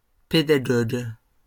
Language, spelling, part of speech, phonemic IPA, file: French, pédagogue, noun, /pe.da.ɡɔɡ/, LL-Q150 (fra)-pédagogue.wav
- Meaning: 1. pedagogue; educator 2. teacher